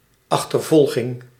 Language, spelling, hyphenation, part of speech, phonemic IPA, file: Dutch, achtervolging, ach‧ter‧vol‧ging, noun, /ˌɑx.tərˈvɔl.ɣɪŋ/, Nl-achtervolging.ogg
- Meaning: pursuit